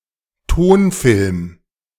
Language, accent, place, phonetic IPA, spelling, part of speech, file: German, Germany, Berlin, [ˈtoːnˌfɪlm], Tonfilm, noun, De-Tonfilm.ogg
- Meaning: sound film